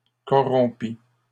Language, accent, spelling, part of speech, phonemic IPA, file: French, Canada, corrompit, verb, /kɔ.ʁɔ̃.pi/, LL-Q150 (fra)-corrompit.wav
- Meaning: third-person singular past historic of corrompre